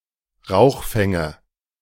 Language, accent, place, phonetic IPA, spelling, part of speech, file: German, Germany, Berlin, [ˈʁaʊ̯xˌfɛŋə], Rauchfänge, noun, De-Rauchfänge.ogg
- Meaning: nominative/accusative/genitive plural of Rauchfang